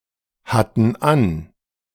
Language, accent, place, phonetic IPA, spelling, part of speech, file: German, Germany, Berlin, [ˌhatn̩ ˈan], hatten an, verb, De-hatten an.ogg
- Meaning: first/third-person plural preterite of anhaben